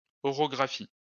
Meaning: orography
- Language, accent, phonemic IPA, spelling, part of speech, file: French, France, /ɔ.ʁɔ.ɡʁa.fi/, orographie, noun, LL-Q150 (fra)-orographie.wav